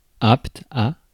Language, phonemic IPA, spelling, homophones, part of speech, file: French, /apt/, apte, Apt, adjective, Fr-apte.ogg
- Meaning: apt